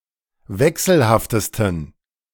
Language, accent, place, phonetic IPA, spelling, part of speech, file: German, Germany, Berlin, [ˈvɛksl̩haftəstn̩], wechselhaftesten, adjective, De-wechselhaftesten.ogg
- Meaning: 1. superlative degree of wechselhaft 2. inflection of wechselhaft: strong genitive masculine/neuter singular superlative degree